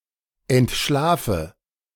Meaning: inflection of entschlafen: 1. first-person singular present 2. first/third-person singular subjunctive I 3. singular imperative
- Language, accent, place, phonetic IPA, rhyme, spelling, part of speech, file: German, Germany, Berlin, [ɛntˈʃlaːfə], -aːfə, entschlafe, verb, De-entschlafe.ogg